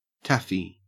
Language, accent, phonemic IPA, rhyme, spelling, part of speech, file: English, Australia, /ˈtæfi/, -æfi, Taffy, noun, En-au-Taffy.ogg
- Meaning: A Welshman